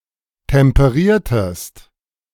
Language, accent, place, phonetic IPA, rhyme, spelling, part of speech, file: German, Germany, Berlin, [tɛmpəˈʁiːɐ̯təst], -iːɐ̯təst, temperiertest, verb, De-temperiertest.ogg
- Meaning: inflection of temperieren: 1. second-person singular preterite 2. second-person singular subjunctive II